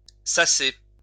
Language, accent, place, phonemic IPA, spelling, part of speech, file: French, France, Lyon, /sa.se/, sasser, verb, LL-Q150 (fra)-sasser.wav
- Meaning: to sieve, to sift